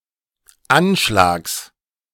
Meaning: genitive singular of Anschlag
- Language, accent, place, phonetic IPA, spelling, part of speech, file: German, Germany, Berlin, [ˈanˌʃlaːks], Anschlags, noun, De-Anschlags.ogg